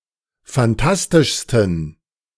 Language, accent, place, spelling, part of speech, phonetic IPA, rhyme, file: German, Germany, Berlin, phantastischsten, adjective, [fanˈtastɪʃstn̩], -astɪʃstn̩, De-phantastischsten.ogg
- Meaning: 1. superlative degree of phantastisch 2. inflection of phantastisch: strong genitive masculine/neuter singular superlative degree